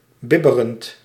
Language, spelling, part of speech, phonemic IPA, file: Dutch, bibberend, verb / adjective, /ˈbɪbərənt/, Nl-bibberend.ogg
- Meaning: present participle of bibberen